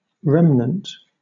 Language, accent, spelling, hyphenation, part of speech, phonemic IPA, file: English, Southern England, remnant, rem‧nant, noun / adjective, /ˈɹɛmnənt/, LL-Q1860 (eng)-remnant.wav
- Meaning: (noun) 1. A small portion remaining of a larger thing or group; part of a former whole 2. The remaining fabric at the end of the bolt 3. An unsold end of piece goods, as cloth, ribbons, carpets, etc